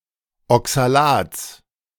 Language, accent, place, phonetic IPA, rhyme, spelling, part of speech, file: German, Germany, Berlin, [ɔksaˈlaːt͡s], -aːt͡s, Oxalats, noun, De-Oxalats.ogg
- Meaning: genitive singular of Oxalat